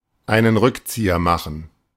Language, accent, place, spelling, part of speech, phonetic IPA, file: German, Germany, Berlin, einen Rückzieher machen, verb, [aɪ̯nən ˈʁʏkˌt͡siːɐ maxn̩], De-einen Rückzieher machen.ogg
- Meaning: 1. to backpedal 2. to pull out (during sexual intercourse)